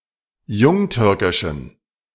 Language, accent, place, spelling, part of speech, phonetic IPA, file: German, Germany, Berlin, jungtürkischen, adjective, [ˈjʊŋˌtʏʁkɪʃn̩], De-jungtürkischen.ogg
- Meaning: inflection of jungtürkisch: 1. strong genitive masculine/neuter singular 2. weak/mixed genitive/dative all-gender singular 3. strong/weak/mixed accusative masculine singular 4. strong dative plural